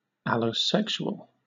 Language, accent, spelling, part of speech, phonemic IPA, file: English, Southern England, allosexual, adjective / noun, /ˌæloʊˈsɛkʃuəl/, LL-Q1860 (eng)-allosexual.wav
- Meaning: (adjective) 1. Experiencing sexual attraction; not asexual 2. LGB; queer; non-heterosexual 3. Directed toward or involving another person rather than (only) oneself